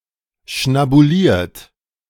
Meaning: 1. past participle of schnabulieren 2. inflection of schnabulieren: second-person plural present 3. inflection of schnabulieren: third-person singular present
- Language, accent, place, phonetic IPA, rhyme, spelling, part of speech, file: German, Germany, Berlin, [ʃnabuˈliːɐ̯t], -iːɐ̯t, schnabuliert, verb, De-schnabuliert.ogg